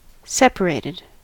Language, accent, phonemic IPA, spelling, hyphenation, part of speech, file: English, US, /ˈsɛpəɹeɪtɪd/, separated, sep‧a‧rat‧ed, adjective / verb, En-us-separated.ogg
- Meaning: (adjective) 1. Detached; not connected or joined; two or more things stand apart 2. Estranged; living apart but not divorced; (verb) simple past and past participle of separate